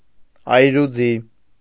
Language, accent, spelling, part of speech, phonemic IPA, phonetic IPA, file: Armenian, Eastern Armenian, այրուձի, noun, /ɑjɾuˈd͡zi/, [ɑjɾud͡zí], Hy-այրուձի.ogg
- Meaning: cavalry (especially that of Ancient and Medieval Armenia)